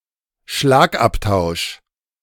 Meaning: 1. exchange of blows 2. fierce exchange, verbal exchange
- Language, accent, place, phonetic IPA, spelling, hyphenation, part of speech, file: German, Germany, Berlin, [ˈʃlaːkʔaptaʊ̯ʃ], Schlagabtausch, Schlag‧ab‧tausch, noun, De-Schlagabtausch.ogg